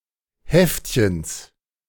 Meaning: genitive of Heftchen
- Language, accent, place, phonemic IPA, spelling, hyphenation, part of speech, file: German, Germany, Berlin, /ˈhɛft.çəns/, Heftchens, Heft‧chens, noun, De-Heftchens.ogg